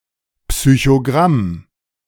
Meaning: psychogram
- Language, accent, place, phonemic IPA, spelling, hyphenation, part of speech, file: German, Germany, Berlin, /psyçoˈɡʁam/, Psychogramm, Psy‧cho‧gramm, noun, De-Psychogramm.ogg